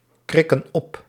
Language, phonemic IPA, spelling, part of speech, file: Dutch, /ˈkrɪkə(n) ˈɔp/, krikken op, verb, Nl-krikken op.ogg
- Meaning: inflection of opkrikken: 1. plural present indicative 2. plural present subjunctive